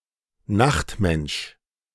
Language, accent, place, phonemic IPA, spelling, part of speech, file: German, Germany, Berlin, /ˈnaxtˌmɛnʃ/, Nachtmensch, noun, De-Nachtmensch.ogg
- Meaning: night person